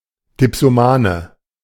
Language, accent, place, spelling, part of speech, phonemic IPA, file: German, Germany, Berlin, Dipsomane, noun, /dɪpsoˈmaːnə/, De-Dipsomane.ogg
- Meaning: dipsomaniac